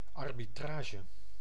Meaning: 1. refereeing 2. arbitration
- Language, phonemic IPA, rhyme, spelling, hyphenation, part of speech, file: Dutch, /ˌɑr.biˈtraː.ʒə/, -aːʒə, arbitrage, ar‧bi‧tra‧ge, noun, Nl-arbitrage.ogg